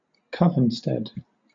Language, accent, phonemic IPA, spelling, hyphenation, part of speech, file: English, Southern England, /ˈkʌvn̩ˌstɛd/, covenstead, cov‧en‧stead, noun, LL-Q1860 (eng)-covenstead.wav
- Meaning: 1. A permanent circle or temple used to meet for rituals and to store religious items, often a mundane location 2. A Wiccan congregation